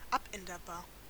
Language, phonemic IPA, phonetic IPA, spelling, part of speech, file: German, /ˈapˌɛndəʁˌbaːʁ/, [ˈʔapˌɛndɐˌbaːɐ̯], abänderbar, adjective, De-abänderbar.ogg
- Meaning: alterable